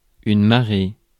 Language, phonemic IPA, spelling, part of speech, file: French, /ma.ʁe/, marée, noun, Fr-marée.ogg
- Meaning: 1. tide 2. catch (of fish) 3. wave (anything that forms a great crowd)